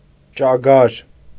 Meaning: rabbit
- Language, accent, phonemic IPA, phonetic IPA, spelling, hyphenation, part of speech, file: Armenian, Eastern Armenian, /t͡ʃɑˈɡɑɾ/, [t͡ʃɑɡɑ́ɾ], ճագար, ճա‧գար, noun, Hy-ճագար.ogg